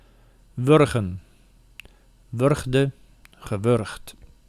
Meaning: to strangle, to strangulate
- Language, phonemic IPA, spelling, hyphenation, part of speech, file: Dutch, /ˈʋʏr.ɣə(n)/, wurgen, wur‧gen, verb, Nl-wurgen.ogg